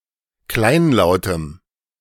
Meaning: strong dative masculine/neuter singular of kleinlaut
- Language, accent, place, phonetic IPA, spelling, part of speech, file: German, Germany, Berlin, [ˈklaɪ̯nˌlaʊ̯təm], kleinlautem, adjective, De-kleinlautem.ogg